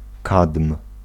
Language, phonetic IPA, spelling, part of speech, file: Polish, [katm̥], kadm, noun, Pl-kadm.ogg